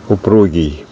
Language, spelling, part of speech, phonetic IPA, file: Russian, упругий, adjective, [ʊˈpruɡʲɪj], Ru-упругий.ogg
- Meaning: resilient, elastic, bouncy